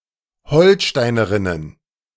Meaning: plural of Holsteinerin
- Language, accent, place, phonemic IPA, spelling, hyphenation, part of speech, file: German, Germany, Berlin, /ˈhɔlˌʃtaɪ̯nəʁɪnən/, Holsteinerinnen, Hol‧stei‧ne‧rin‧nen, noun, De-Holsteinerinnen.ogg